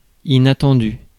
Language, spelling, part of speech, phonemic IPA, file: French, inattendu, adjective, /i.na.tɑ̃.dy/, Fr-inattendu.ogg
- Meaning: unexpected